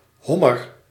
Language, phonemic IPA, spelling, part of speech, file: Dutch, /ˈhɔmər/, hommer, noun, Nl-hommer.ogg
- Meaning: 1. lobster 2. a male fish, a cockfish